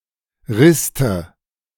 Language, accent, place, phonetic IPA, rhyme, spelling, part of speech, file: German, Germany, Berlin, [ˈʁɪstə], -ɪstə, Riste, noun, De-Riste.ogg
- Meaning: 1. nominative/accusative/genitive plural of Rist 2. dative of Rist